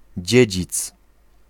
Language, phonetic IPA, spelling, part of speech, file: Polish, [ˈd͡ʑɛ̇d͡ʑit͡s], dziedzic, noun, Pl-dziedzic.ogg